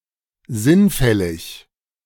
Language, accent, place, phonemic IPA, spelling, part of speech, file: German, Germany, Berlin, /ˈzɪnˌfɛlɪç/, sinnfällig, adjective, De-sinnfällig.ogg
- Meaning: obvious, evident